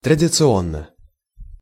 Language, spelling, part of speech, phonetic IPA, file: Russian, традиционно, adverb / adjective, [trədʲɪt͡sɨˈonːə], Ru-традиционно.ogg
- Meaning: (adverb) traditionally (in a traditional manner); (adjective) short neuter singular of традицио́нный (tradiciónnyj)